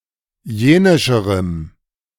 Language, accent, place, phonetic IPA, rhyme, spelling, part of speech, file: German, Germany, Berlin, [ˈjeːnɪʃəʁəm], -eːnɪʃəʁəm, jenischerem, adjective, De-jenischerem.ogg
- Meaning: strong dative masculine/neuter singular comparative degree of jenisch